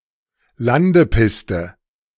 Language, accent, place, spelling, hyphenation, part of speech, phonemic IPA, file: German, Germany, Berlin, Landepiste, Lan‧de‧pis‧te, noun, /ˈlandəˌpɪstə/, De-Landepiste.ogg
- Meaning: landing strip